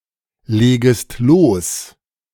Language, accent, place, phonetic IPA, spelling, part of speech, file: German, Germany, Berlin, [ˌleːɡəst ˈloːs], legest los, verb, De-legest los.ogg
- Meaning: second-person singular subjunctive I of loslegen